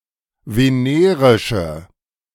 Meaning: inflection of venerisch: 1. strong/mixed nominative/accusative feminine singular 2. strong nominative/accusative plural 3. weak nominative all-gender singular
- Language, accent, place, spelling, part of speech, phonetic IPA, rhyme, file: German, Germany, Berlin, venerische, adjective, [veˈneːʁɪʃə], -eːʁɪʃə, De-venerische.ogg